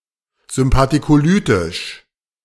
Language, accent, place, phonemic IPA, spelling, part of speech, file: German, Germany, Berlin, /zʏmpatikoˈlyːtɪʃ/, sympathicolytisch, adjective, De-sympathicolytisch.ogg
- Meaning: alternative form of sympathikolytisch